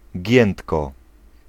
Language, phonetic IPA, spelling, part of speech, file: Polish, [ˈɟɛ̃ntkɔ], giętko, adverb, Pl-giętko.ogg